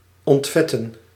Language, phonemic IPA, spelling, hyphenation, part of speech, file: Dutch, /ˌɔntˈvɛ.tə(n)/, ontvetten, ont‧vet‧ten, verb, Nl-ontvetten.ogg
- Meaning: to degrease, to ungrease